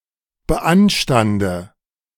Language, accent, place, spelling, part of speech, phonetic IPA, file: German, Germany, Berlin, beanstande, verb, [bəˈʔanʃtandə], De-beanstande.ogg
- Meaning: inflection of beanstanden: 1. first-person singular present 2. first/third-person singular subjunctive I 3. singular imperative